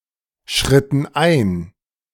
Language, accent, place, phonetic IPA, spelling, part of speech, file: German, Germany, Berlin, [ˌʃʁɪtn̩ ˈʔaɪ̯n], schritten ein, verb, De-schritten ein.ogg
- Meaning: inflection of einschreiten: 1. first/third-person plural preterite 2. first/third-person plural subjunctive II